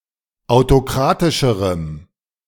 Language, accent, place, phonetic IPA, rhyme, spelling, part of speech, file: German, Germany, Berlin, [aʊ̯toˈkʁaːtɪʃəʁəm], -aːtɪʃəʁəm, autokratischerem, adjective, De-autokratischerem.ogg
- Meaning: strong dative masculine/neuter singular comparative degree of autokratisch